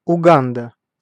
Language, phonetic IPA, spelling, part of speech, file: Russian, [ʊˈɡandə], Уганда, proper noun, Ru-Уганда.ogg
- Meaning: Uganda (a country in East Africa)